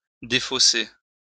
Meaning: 1. to straighten 2. to discard (in a card game)
- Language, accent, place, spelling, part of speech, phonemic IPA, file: French, France, Lyon, défausser, verb, /de.fo.se/, LL-Q150 (fra)-défausser.wav